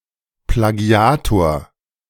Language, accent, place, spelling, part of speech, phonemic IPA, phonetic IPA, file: German, Germany, Berlin, Plagiator, noun, /plaˈɡi̯aːtoːɐ̯/, [plaˈɡi̯aˌtoʁ], De-Plagiator.ogg
- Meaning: plagiarist